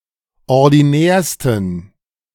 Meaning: 1. superlative degree of ordinär 2. inflection of ordinär: strong genitive masculine/neuter singular superlative degree
- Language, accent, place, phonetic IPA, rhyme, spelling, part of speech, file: German, Germany, Berlin, [ɔʁdiˈnɛːɐ̯stn̩], -ɛːɐ̯stn̩, ordinärsten, adjective, De-ordinärsten.ogg